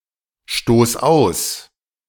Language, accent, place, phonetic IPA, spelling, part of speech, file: German, Germany, Berlin, [ˌʃtoːs ˈaʊ̯s], stoß aus, verb, De-stoß aus.ogg
- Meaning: singular imperative of ausstoßen